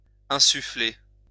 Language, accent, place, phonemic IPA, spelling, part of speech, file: French, France, Lyon, /ɛ̃.sy.fle/, insuffler, verb, LL-Q150 (fra)-insuffler.wav
- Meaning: 1. to infuse 2. to instill